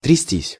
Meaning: 1. to shake 2. to tremble, to shiver 3. to be jolted, to ride something jolty 4. to tremble (over) 5. passive of трясти́ (trjastí)
- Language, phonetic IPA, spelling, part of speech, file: Russian, [trʲɪˈsʲtʲisʲ], трястись, verb, Ru-трястись.ogg